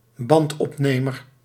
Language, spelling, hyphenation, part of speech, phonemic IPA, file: Dutch, bandopnemer, band‧op‧ne‧mer, noun, /ˈbɑnt.ɔpˌneː.mər/, Nl-bandopnemer.ogg
- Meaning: a tape recorder